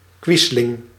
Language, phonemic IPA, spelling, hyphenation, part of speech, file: Dutch, /ˈkʋɪs.lɪŋ/, quisling, quis‧ling, noun, Nl-quisling.ogg
- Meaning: quisling